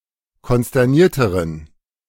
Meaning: inflection of konsterniert: 1. strong genitive masculine/neuter singular comparative degree 2. weak/mixed genitive/dative all-gender singular comparative degree
- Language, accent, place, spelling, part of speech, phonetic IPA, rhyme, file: German, Germany, Berlin, konsternierteren, adjective, [kɔnstɛʁˈniːɐ̯təʁən], -iːɐ̯təʁən, De-konsternierteren.ogg